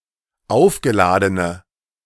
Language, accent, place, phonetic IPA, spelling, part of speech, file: German, Germany, Berlin, [ˈaʊ̯fɡəˌlaːdənə], aufgeladene, adjective, De-aufgeladene.ogg
- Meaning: inflection of aufgeladen: 1. strong/mixed nominative/accusative feminine singular 2. strong nominative/accusative plural 3. weak nominative all-gender singular